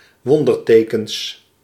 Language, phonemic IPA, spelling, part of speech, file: Dutch, /ˈwɔndərˌtekəns/, wondertekens, noun, Nl-wondertekens.ogg
- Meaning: plural of wonderteken